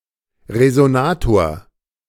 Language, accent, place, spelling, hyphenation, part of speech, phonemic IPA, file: German, Germany, Berlin, Resonator, Re‧so‧na‧tor, noun, /ʁezoˈnaːtoːɐ/, De-Resonator.ogg
- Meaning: resonator